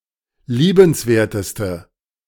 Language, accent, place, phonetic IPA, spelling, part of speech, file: German, Germany, Berlin, [ˈliːbənsˌveːɐ̯təstə], liebenswerteste, adjective, De-liebenswerteste.ogg
- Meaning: inflection of liebenswert: 1. strong/mixed nominative/accusative feminine singular superlative degree 2. strong nominative/accusative plural superlative degree